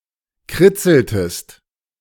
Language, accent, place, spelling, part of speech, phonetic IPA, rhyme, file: German, Germany, Berlin, kritzeltest, verb, [ˈkʁɪt͡sl̩təst], -ɪt͡sl̩təst, De-kritzeltest.ogg
- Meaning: inflection of kritzeln: 1. second-person singular preterite 2. second-person singular subjunctive II